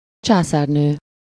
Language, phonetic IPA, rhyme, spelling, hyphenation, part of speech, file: Hungarian, [ˈt͡ʃaːsaːrnøː], -nøː, császárnő, csá‧szár‧nő, noun, Hu-császárnő.ogg
- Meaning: empress regnant (female monarch of an empire)